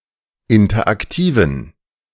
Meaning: inflection of interaktiv: 1. strong genitive masculine/neuter singular 2. weak/mixed genitive/dative all-gender singular 3. strong/weak/mixed accusative masculine singular 4. strong dative plural
- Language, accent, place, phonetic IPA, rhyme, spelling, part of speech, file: German, Germany, Berlin, [ˌɪntɐʔakˈtiːvn̩], -iːvn̩, interaktiven, adjective, De-interaktiven.ogg